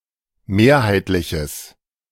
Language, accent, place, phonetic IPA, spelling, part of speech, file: German, Germany, Berlin, [ˈmeːɐ̯haɪ̯tlɪçəs], mehrheitliches, adjective, De-mehrheitliches.ogg
- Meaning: strong/mixed nominative/accusative neuter singular of mehrheitlich